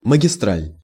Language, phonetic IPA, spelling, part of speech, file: Russian, [məɡʲɪˈstralʲ], магистраль, noun, Ru-магистраль.ogg
- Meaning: 1. main line, main route, main waterway (air, rail, nautical, automotive) 2. thoroughfare, highway 3. freeway 4. trunk, trunkline, main